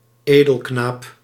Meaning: a noble boy, in particular a page
- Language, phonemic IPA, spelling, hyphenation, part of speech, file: Dutch, /ˈeː.dəlˌknaːp/, edelknaap, edel‧knaap, noun, Nl-edelknaap.ogg